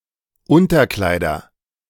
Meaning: nominative genitive accusative plural of Unterkleid
- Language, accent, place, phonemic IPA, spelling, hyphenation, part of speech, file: German, Germany, Berlin, /ˈʊntɐˌklaɪ̯dɐ/, Unterkleider, Un‧ter‧klei‧der, noun, De-Unterkleider.ogg